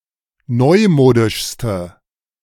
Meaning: inflection of neumodisch: 1. strong/mixed nominative/accusative feminine singular superlative degree 2. strong nominative/accusative plural superlative degree
- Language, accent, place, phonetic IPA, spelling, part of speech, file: German, Germany, Berlin, [ˈnɔɪ̯ˌmoːdɪʃstə], neumodischste, adjective, De-neumodischste.ogg